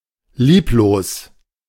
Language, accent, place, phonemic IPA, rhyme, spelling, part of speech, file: German, Germany, Berlin, /ˈliːploːs/, -oːs, lieblos, adjective, De-lieblos.ogg
- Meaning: 1. loveless, unloving 2. careless, sloppy, superficial, without attention to detail